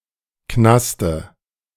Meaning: dative singular of Knast
- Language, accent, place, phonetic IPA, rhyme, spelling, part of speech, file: German, Germany, Berlin, [ˈknastə], -astə, Knaste, noun, De-Knaste.ogg